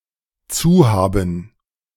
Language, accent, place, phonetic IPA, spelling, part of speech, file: German, Germany, Berlin, [ˈt͡suːˌhaːbn̩], zuhaben, verb, De-zuhaben.ogg
- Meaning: to be closed, keep closed